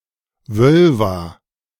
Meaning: völva
- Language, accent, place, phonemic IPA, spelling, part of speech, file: German, Germany, Berlin, /ˈvœlva/, Völva, noun, De-Völva.ogg